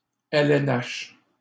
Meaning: NHL; initialism of Ligue nationale de hockey (National Hockey League)
- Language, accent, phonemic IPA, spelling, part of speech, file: French, Canada, /ɛl ɛn aʃ/, LNH, proper noun, LL-Q150 (fra)-LNH.wav